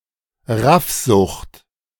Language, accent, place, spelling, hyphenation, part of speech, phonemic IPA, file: German, Germany, Berlin, Raffsucht, Raff‧sucht, noun, /ˈʁafzʊxt/, De-Raffsucht.ogg
- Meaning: rapacity, greed